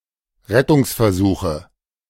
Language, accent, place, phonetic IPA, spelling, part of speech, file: German, Germany, Berlin, [ˈʁɛtʊŋsfɛɐ̯ˌzuːxə], Rettungsversuche, noun, De-Rettungsversuche.ogg
- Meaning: nominative/accusative/genitive plural of Rettungsversuch